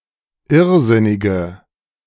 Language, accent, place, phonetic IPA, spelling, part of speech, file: German, Germany, Berlin, [ˈɪʁˌzɪnɪɡə], irrsinnige, adjective, De-irrsinnige.ogg
- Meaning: inflection of irrsinnig: 1. strong/mixed nominative/accusative feminine singular 2. strong nominative/accusative plural 3. weak nominative all-gender singular